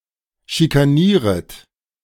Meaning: second-person plural subjunctive I of schikanieren
- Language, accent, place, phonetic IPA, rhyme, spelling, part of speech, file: German, Germany, Berlin, [ʃikaˈniːʁət], -iːʁət, schikanieret, verb, De-schikanieret.ogg